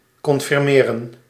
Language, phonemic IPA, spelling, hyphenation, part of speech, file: Dutch, /kɔnfɪrˈmeːrə(n)/, confirmeren, con‧fir‧me‧ren, verb, Nl-confirmeren.ogg
- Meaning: 1. to confirm, to validate, to corroborate 2. to confirm, to authorise 3. to confirm